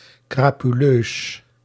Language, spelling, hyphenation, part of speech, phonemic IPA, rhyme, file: Dutch, crapuleus, cra‧pu‧leus, adjective, /ˌkraː.pyˈløːs/, -øːs, Nl-crapuleus.ogg
- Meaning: villainous, despicable